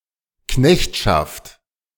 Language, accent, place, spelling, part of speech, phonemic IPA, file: German, Germany, Berlin, Knechtschaft, noun, /ˈknɛçtʃaft/, De-Knechtschaft.ogg
- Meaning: bondage, servitude, serfdom (state of being unfree and subordinated)